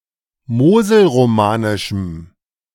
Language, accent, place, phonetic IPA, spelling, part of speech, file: German, Germany, Berlin, [ˈmoːzl̩ʁoˌmaːnɪʃm̩], moselromanischem, adjective, De-moselromanischem.ogg
- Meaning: strong dative masculine/neuter singular of moselromanisch